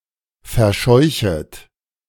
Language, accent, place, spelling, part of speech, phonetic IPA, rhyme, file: German, Germany, Berlin, verscheuchet, verb, [fɛɐ̯ˈʃɔɪ̯çət], -ɔɪ̯çət, De-verscheuchet.ogg
- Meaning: second-person plural subjunctive I of verscheuchen